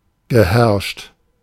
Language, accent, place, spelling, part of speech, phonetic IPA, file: German, Germany, Berlin, geherrscht, verb, [ɡəˈhɛʁʃt], De-geherrscht.ogg
- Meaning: past participle of herrschen